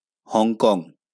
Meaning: Hong Kong (a city, island and special administrative region in southeastern China)
- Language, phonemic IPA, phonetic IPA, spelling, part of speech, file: Bengali, /hɔŋ.kɔŋ/, [hɔŋ.kɔŋ], হংকং, proper noun, LL-Q9610 (ben)-হংকং.wav